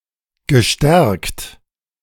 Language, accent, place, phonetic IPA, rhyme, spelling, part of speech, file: German, Germany, Berlin, [ɡəˈʃtɛʁkt], -ɛʁkt, gestärkt, adjective / verb, De-gestärkt.ogg
- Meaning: past participle of stärken